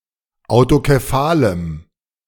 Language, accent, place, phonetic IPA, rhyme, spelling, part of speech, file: German, Germany, Berlin, [aʊ̯tokeˈfaːləm], -aːləm, autokephalem, adjective, De-autokephalem.ogg
- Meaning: strong dative masculine/neuter singular of autokephal